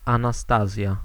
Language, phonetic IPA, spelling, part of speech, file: Polish, [ˌãnaˈstazʲja], Anastazja, proper noun, Pl-Anastazja.ogg